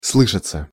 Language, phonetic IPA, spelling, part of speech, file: Russian, [ˈsɫɨʂət͡sə], слышаться, verb, Ru-слышаться.ogg
- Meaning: 1. to be heard 2. to be felt, to be smelled 3. passive of слы́шать (slýšatʹ)